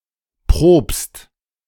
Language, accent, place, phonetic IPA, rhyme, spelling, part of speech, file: German, Germany, Berlin, [pʁoːpst], -oːpst, probst, verb, De-probst.ogg
- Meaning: second-person singular present of proben